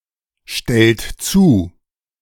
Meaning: inflection of zustellen: 1. second-person plural present 2. third-person singular present 3. plural imperative
- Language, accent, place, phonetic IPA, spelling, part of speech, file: German, Germany, Berlin, [ˌʃtɛlt ˈt͡suː], stellt zu, verb, De-stellt zu.ogg